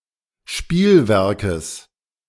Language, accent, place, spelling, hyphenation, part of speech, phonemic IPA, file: German, Germany, Berlin, Spielwerkes, Spiel‧wer‧kes, noun, /ˈʃpiːlˌvɛʁkəs/, De-Spielwerkes.ogg
- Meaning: genitive singular of Spielwerk